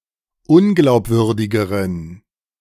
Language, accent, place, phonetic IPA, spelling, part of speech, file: German, Germany, Berlin, [ˈʊnɡlaʊ̯pˌvʏʁdɪɡəʁən], unglaubwürdigeren, adjective, De-unglaubwürdigeren.ogg
- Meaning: inflection of unglaubwürdig: 1. strong genitive masculine/neuter singular comparative degree 2. weak/mixed genitive/dative all-gender singular comparative degree